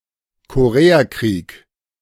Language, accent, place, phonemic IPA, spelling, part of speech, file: German, Germany, Berlin, /koˈʁeːaˌkʁiːk/, Koreakrieg, proper noun, De-Koreakrieg.ogg
- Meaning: Korean War (war lasting from 1950 to 1953)